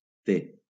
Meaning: The name of the Latin script letter T/t
- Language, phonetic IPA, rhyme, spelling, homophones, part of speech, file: Catalan, [ˈte], -e, te, té, noun, LL-Q7026 (cat)-te.wav